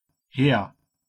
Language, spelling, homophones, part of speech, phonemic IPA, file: German, Heer, her / hehr, noun, /heːr/, De-Heer.ogg
- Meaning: army (ground forces)